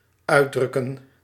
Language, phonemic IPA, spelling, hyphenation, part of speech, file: Dutch, /ˈœy̯ˌdrʏ.kə(n)/, uitdrukken, uit‧druk‧ken, verb, Nl-uitdrukken.ogg
- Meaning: 1. to express (to convey meaning) 2. to press out, to squeeze out